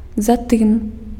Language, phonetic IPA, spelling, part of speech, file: Belarusian, [zaˈtɨm], затым, adverb, Be-затым.ogg
- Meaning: then, thereupon, after that